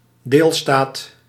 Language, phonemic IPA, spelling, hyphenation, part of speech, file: Dutch, /ˈdeːl.staːt/, deelstaat, deel‧staat, noun, Nl-deelstaat.ogg
- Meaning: a state – a member state or constituent state of a federation or confederation